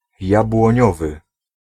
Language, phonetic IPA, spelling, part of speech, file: Polish, [ˌjabwɔ̃ˈɲɔvɨ], jabłoniowy, adjective, Pl-jabłoniowy.ogg